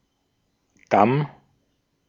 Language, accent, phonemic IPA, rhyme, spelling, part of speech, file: German, Austria, /dam/, -am, Damm, noun, De-at-Damm.ogg
- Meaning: 1. embankment 2. perineum